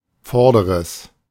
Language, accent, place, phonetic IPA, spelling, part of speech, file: German, Germany, Berlin, [ˈfɔʁdəʁəs], vorderes, adjective, De-vorderes.ogg
- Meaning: strong/mixed nominative/accusative neuter singular of vorder